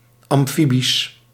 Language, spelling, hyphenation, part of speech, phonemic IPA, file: Dutch, amfibisch, am‧fi‧bisch, adjective, /ˌɑmˈfi.bis/, Nl-amfibisch.ogg
- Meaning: 1. amphibian, pertaining to amphibians 2. amphibian, capable of function on both land and in water